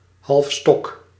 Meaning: half-staff, half-mast
- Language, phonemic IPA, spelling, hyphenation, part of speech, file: Dutch, /ɦɑlfˈstɔk/, halfstok, half‧stok, adverb, Nl-halfstok.ogg